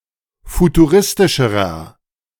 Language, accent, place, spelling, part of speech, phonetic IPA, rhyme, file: German, Germany, Berlin, futuristischerer, adjective, [futuˈʁɪstɪʃəʁɐ], -ɪstɪʃəʁɐ, De-futuristischerer.ogg
- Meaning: inflection of futuristisch: 1. strong/mixed nominative masculine singular comparative degree 2. strong genitive/dative feminine singular comparative degree 3. strong genitive plural comparative degree